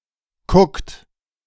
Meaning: inflection of kucken: 1. second-person plural present 2. third-person singular present 3. plural imperative
- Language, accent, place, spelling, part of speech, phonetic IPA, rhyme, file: German, Germany, Berlin, kuckt, verb, [kʊkt], -ʊkt, De-kuckt.ogg